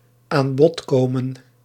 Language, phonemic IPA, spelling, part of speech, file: Dutch, /aːn ˈbɔt ˈkoː.mə(n)/, aan bod komen, verb, Nl-aan bod komen.ogg
- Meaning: 1. to be featured, to figure (to be represented in something, to be a part of something) 2. to come up for auction